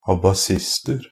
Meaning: indefinite plural of abasist
- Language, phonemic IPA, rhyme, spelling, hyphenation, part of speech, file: Norwegian Bokmål, /abaˈsɪstər/, -ər, abasister, a‧ba‧sist‧er, noun, NB - Pronunciation of Norwegian Bokmål «abasister».ogg